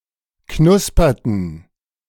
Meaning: inflection of knuspern: 1. first/third-person plural preterite 2. first/third-person plural subjunctive II
- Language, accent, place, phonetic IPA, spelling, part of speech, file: German, Germany, Berlin, [ˈknʊspɐtn̩], knusperten, verb, De-knusperten.ogg